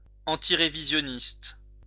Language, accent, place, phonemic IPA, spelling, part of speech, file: French, France, Lyon, /ɑ̃.ti.ʁe.vi.zjɔ.nist/, antirévisionniste, adjective / noun, LL-Q150 (fra)-antirévisionniste.wav
- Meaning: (adjective) antirevisionist